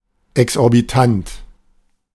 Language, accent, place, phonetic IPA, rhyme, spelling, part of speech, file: German, Germany, Berlin, [ɛksʔɔʁbiˈtant], -ant, exorbitant, adjective, De-exorbitant.ogg
- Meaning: exorbitant